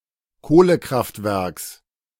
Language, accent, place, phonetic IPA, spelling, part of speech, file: German, Germany, Berlin, [ˈkoːləˌkʁaftvɛʁks], Kohlekraftwerks, noun, De-Kohlekraftwerks.ogg
- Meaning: genitive singular of Kohlekraftwerk